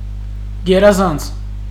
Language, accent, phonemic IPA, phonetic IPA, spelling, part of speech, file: Armenian, Eastern Armenian, /ɡeɾɑˈzɑnt͡sʰ/, [ɡeɾɑzɑ́nt͡sʰ], գերազանց, adjective, Hy-գերազանց.ogg
- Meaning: excellent